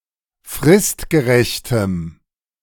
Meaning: strong dative masculine/neuter singular of fristgerecht
- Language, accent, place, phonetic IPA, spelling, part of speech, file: German, Germany, Berlin, [ˈfʁɪstɡəˌʁɛçtəm], fristgerechtem, adjective, De-fristgerechtem.ogg